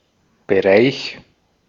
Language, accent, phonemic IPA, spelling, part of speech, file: German, Austria, /bəˈʁaɪ̯ç/, Bereich, noun, De-at-Bereich.ogg
- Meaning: 1. area, realm, range, scope 2. course of study or domain of knowledge or practice; field 3. region